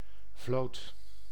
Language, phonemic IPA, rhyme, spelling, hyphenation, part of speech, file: Dutch, /vloːt/, -oːt, vloot, vloot, noun / verb, Nl-vloot.ogg
- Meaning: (noun) fleet; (verb) singular past indicative of vlieten